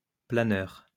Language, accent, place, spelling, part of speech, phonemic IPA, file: French, France, Lyon, planeur, noun, /pla.nœʁ/, LL-Q150 (fra)-planeur.wav
- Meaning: 1. glider (aircraft) 2. planer (tool)